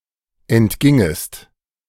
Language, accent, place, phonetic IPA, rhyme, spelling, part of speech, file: German, Germany, Berlin, [ɛntˈɡɪŋəst], -ɪŋəst, entgingest, verb, De-entgingest.ogg
- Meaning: second-person singular subjunctive II of entgehen